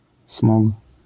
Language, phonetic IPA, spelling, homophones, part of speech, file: Polish, [smɔk], smog, smok, noun, LL-Q809 (pol)-smog.wav